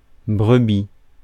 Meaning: 1. ewe 2. flock
- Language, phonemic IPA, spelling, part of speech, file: French, /bʁə.bi/, brebis, noun, Fr-brebis.ogg